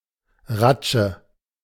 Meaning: a small cut, e.g. in one's skin or clothes
- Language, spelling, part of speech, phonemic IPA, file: German, Ratsche, noun, /ʁatʃə/, De-Ratsche.ogg